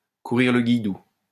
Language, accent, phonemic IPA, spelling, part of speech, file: French, France, /ku.ʁiʁ lə ɡij.du/, courir le guilledou, verb, LL-Q150 (fra)-courir le guilledou.wav
- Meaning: 1. to frequent disreputable places, especially during the night 2. to frequent disreputable places, especially during the night: to philander, to womanize, to chase skirt